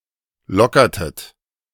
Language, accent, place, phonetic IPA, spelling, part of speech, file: German, Germany, Berlin, [ˈlɔkɐtət], lockertet, verb, De-lockertet.ogg
- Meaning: inflection of lockern: 1. second-person plural preterite 2. second-person plural subjunctive II